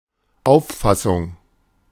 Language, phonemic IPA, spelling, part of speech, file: German, /ˈaʊ̯fˌfasʊŋ/, Auffassung, noun, De-Auffassung.oga
- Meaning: notion, conception, view